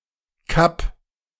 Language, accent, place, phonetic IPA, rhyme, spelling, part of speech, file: German, Germany, Berlin, [kap], -ap, kapp, verb, De-kapp.ogg
- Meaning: 1. singular imperative of kappen 2. first-person singular present of kappen